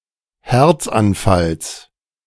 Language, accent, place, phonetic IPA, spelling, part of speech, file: German, Germany, Berlin, [ˈhɛʁt͡sanˌfals], Herzanfalls, noun, De-Herzanfalls.ogg
- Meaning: genitive singular of Herzanfall